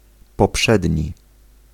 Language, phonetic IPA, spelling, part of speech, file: Polish, [pɔˈpʃɛdʲɲi], poprzedni, adjective, Pl-poprzedni.ogg